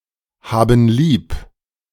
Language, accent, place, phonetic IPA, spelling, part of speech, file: German, Germany, Berlin, [ˌhaːbn̩ ˈliːp], haben lieb, verb, De-haben lieb.ogg
- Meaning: inflection of lieb haben: 1. first/third-person plural present 2. first/third-person plural subjunctive I